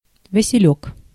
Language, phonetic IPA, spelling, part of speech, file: Russian, [vəsʲɪˈlʲɵk], василёк, noun, Ru-василёк.ogg
- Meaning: cornflower